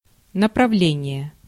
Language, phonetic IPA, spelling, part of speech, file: Russian, [nəprɐˈvlʲenʲɪje], направление, noun, Ru-направление.ogg
- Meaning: 1. direction, orientation 2. orientation, current, school, specialization (field of study) 3. assignment, directive, order, warrant 4. operational direction 5. referral